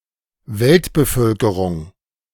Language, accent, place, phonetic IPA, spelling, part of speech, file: German, Germany, Berlin, [ˈvɛltbəˌfœlkəʁʊŋ], Weltbevölkerung, noun, De-Weltbevölkerung.ogg
- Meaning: global population